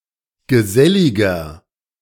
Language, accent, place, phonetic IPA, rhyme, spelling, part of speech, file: German, Germany, Berlin, [ɡəˈzɛlɪɡɐ], -ɛlɪɡɐ, geselliger, adjective, De-geselliger.ogg
- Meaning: 1. comparative degree of gesellig 2. inflection of gesellig: strong/mixed nominative masculine singular 3. inflection of gesellig: strong genitive/dative feminine singular